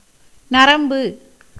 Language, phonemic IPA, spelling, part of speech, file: Tamil, /nɐɾɐmbɯ/, நரம்பு, noun, Ta-நரம்பு.ogg
- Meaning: 1. nerve 2. chord, string